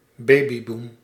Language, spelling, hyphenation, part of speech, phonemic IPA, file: Dutch, babyboom, ba‧by‧boom, noun, /ˈbeː.biˌbuːm/, Nl-babyboom.ogg
- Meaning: baby boom